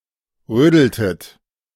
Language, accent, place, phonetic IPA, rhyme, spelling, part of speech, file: German, Germany, Berlin, [ˈʁøːdl̩tət], -øːdl̩tət, rödeltet, verb, De-rödeltet.ogg
- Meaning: inflection of rödeln: 1. second-person plural preterite 2. second-person plural subjunctive II